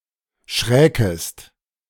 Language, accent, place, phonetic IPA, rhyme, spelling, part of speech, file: German, Germany, Berlin, [ˈʃʁɛːkəst], -ɛːkəst, schräkest, verb, De-schräkest.ogg
- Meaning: second-person singular subjunctive II of schrecken